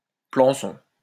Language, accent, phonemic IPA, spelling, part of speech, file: French, France, /plɑ̃.sɔ̃/, plançon, noun, LL-Q150 (fra)-plançon.wav
- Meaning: 1. cutting 2. a medieval French infantry weapon, primarily used for smashing and thrusting